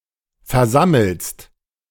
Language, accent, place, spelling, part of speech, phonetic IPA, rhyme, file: German, Germany, Berlin, versammelst, verb, [fɛɐ̯ˈzaml̩st], -aml̩st, De-versammelst.ogg
- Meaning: second-person singular present of versammeln